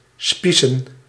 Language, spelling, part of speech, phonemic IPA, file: Dutch, spiesen, noun, /ˈspisə(n)/, Nl-spiesen.ogg
- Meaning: plural of spies